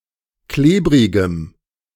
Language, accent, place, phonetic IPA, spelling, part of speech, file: German, Germany, Berlin, [ˈkleːbʁɪɡəm], klebrigem, adjective, De-klebrigem.ogg
- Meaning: strong dative masculine/neuter singular of klebrig